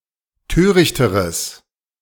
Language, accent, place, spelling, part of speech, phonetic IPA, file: German, Germany, Berlin, törichteres, adjective, [ˈtøːʁɪçtəʁəs], De-törichteres.ogg
- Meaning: strong/mixed nominative/accusative neuter singular comparative degree of töricht